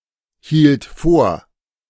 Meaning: first/third-person singular preterite of vorhalten
- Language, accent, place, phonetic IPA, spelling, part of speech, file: German, Germany, Berlin, [ˌhiːlt ˈfoːɐ̯], hielt vor, verb, De-hielt vor.ogg